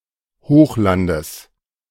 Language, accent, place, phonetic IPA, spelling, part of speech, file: German, Germany, Berlin, [ˈhoːxˌlandəs], Hochlandes, noun, De-Hochlandes.ogg
- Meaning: genitive singular of Hochland